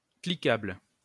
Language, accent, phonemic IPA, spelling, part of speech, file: French, France, /kli.kabl/, cliquable, adjective, LL-Q150 (fra)-cliquable.wav
- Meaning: clickable